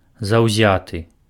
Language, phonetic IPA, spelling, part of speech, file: Belarusian, [zau̯ˈzʲatɨ], заўзяты, adjective, Be-заўзяты.ogg
- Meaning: zealous